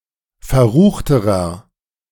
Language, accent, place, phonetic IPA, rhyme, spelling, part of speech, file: German, Germany, Berlin, [fɛɐ̯ˈʁuːxtəʁɐ], -uːxtəʁɐ, verruchterer, adjective, De-verruchterer.ogg
- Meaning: inflection of verrucht: 1. strong/mixed nominative masculine singular comparative degree 2. strong genitive/dative feminine singular comparative degree 3. strong genitive plural comparative degree